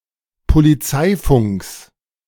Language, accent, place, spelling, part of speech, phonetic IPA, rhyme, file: German, Germany, Berlin, Polizeifunks, noun, [poliˈt͡saɪ̯ˌfʊŋks], -aɪ̯fʊŋks, De-Polizeifunks.ogg
- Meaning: genitive of Polizeifunk